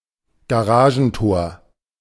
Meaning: 1. garage door 2. Dies ist ein Garagentor, nur ein Ochse parkt davor. - This is a garage door, only an ox (= idiot) parks in front of it
- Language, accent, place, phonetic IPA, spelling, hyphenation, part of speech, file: German, Germany, Berlin, [ɡaˈʀaːʒn̩ˌtoːɐ̯], Garagentor, Ga‧ra‧gen‧tor, noun, De-Garagentor.ogg